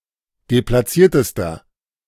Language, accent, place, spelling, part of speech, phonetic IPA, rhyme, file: German, Germany, Berlin, deplatziertester, adjective, [deplaˈt͡siːɐ̯təstɐ], -iːɐ̯təstɐ, De-deplatziertester.ogg
- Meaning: inflection of deplatziert: 1. strong/mixed nominative masculine singular superlative degree 2. strong genitive/dative feminine singular superlative degree 3. strong genitive plural superlative degree